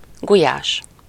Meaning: 1. herdsman (a person who tends a herd of cows) 2. beef/pork/veal stew with potatoes and/or dumplings, seasoned with paprika (a traditional Hungarian dish)
- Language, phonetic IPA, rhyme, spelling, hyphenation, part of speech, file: Hungarian, [ˈɡujaːʃ], -aːʃ, gulyás, gu‧lyás, noun, Hu-gulyás.ogg